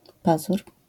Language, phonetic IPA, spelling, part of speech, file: Polish, [ˈpazur], pazur, noun, LL-Q809 (pol)-pazur.wav